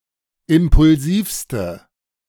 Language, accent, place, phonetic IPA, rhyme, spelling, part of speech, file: German, Germany, Berlin, [ˌɪmpʊlˈziːfstə], -iːfstə, impulsivste, adjective, De-impulsivste.ogg
- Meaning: inflection of impulsiv: 1. strong/mixed nominative/accusative feminine singular superlative degree 2. strong nominative/accusative plural superlative degree